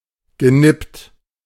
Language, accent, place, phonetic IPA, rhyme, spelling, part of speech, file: German, Germany, Berlin, [ɡəˈnɪpt], -ɪpt, genippt, verb, De-genippt.ogg
- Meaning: past participle of nippen